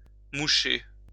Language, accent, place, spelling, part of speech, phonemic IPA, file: French, France, Lyon, moucher, verb, /mu.ʃe/, LL-Q150 (fra)-moucher.wav
- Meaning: 1. to blow (someone's) nose 2. to put someone in their place 3. to blow one's nose 4. to snuff out (a candle etc.)